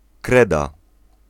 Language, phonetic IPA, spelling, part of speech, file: Polish, [ˈkrɛda], kreda, noun, Pl-kreda.ogg